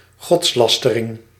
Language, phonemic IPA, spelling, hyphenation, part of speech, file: Dutch, /ˈɣɔtsˌlɑs.tə.rɪŋ/, godslastering, gods‧las‧te‧ring, noun, Nl-godslastering.ogg
- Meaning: blasphemy